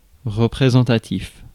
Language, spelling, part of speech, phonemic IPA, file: French, représentatif, adjective, /ʁə.pʁe.zɑ̃.ta.tif/, Fr-représentatif.ogg
- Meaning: representative